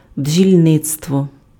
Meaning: apiculture, beekeeping
- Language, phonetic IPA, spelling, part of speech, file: Ukrainian, [bd͡ʒʲilʲˈnɪt͡stwɔ], бджільництво, noun, Uk-бджільництво.ogg